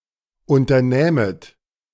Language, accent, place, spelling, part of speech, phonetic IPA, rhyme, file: German, Germany, Berlin, unternähmet, verb, [ˌʔʊntɐˈnɛːmət], -ɛːmət, De-unternähmet.ogg
- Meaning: second-person plural subjunctive II of unternehmen